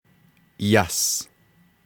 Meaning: snow
- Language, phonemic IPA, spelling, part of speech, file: Navajo, /jɑ̀s/, yas, noun, Nv-yas.ogg